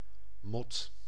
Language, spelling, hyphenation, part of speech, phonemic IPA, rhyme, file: Dutch, mot, mot, noun, /mɔt/, -ɔt, Nl-mot.ogg
- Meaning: 1. butterfly-like insect: moth (usually nocturnal insect of the order Lepidoptera) 2. a slap, a blow, a hit (physical aggression with hands or fists) 3. a quarrel, tiff 4. a female pig; a sow